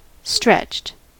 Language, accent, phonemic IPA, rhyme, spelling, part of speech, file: English, US, /stɹɛt͡ʃt/, -ɛtʃt, stretched, adjective / verb, En-us-stretched.ogg
- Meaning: simple past and past participle of stretch